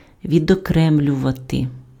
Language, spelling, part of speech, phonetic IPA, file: Ukrainian, відокремлювати, verb, [ʋʲidɔˈkrɛmlʲʊʋɐte], Uk-відокремлювати.ogg
- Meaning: 1. to isolate, to separate, to segregate, to set apart 2. to insulate